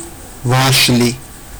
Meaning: apple (fruit)
- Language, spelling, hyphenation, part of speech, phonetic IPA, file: Georgian, ვაშლი, ვაშ‧ლი, noun, [väʃli], Ka-vashli.ogg